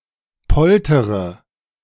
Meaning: inflection of poltern: 1. first-person singular present 2. first-person plural subjunctive I 3. third-person singular subjunctive I 4. singular imperative
- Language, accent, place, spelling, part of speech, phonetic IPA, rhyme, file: German, Germany, Berlin, poltere, verb, [ˈpɔltəʁə], -ɔltəʁə, De-poltere.ogg